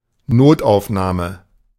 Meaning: 1. emergency room 2. The act or location of receiving refugees from East Germany into West Germany
- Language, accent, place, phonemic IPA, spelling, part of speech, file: German, Germany, Berlin, /ˈnoːtaʊ̯fˌnaːmə/, Notaufnahme, noun, De-Notaufnahme.ogg